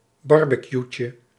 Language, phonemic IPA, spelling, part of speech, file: Dutch, /ˈbɑrbəˌkjucə/, barbecuetje, noun, Nl-barbecuetje.ogg
- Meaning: diminutive of barbecue